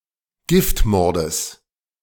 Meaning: genitive singular of Giftmord
- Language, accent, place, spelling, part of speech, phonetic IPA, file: German, Germany, Berlin, Giftmordes, noun, [ˈɡɪftˌmɔʁdəs], De-Giftmordes.ogg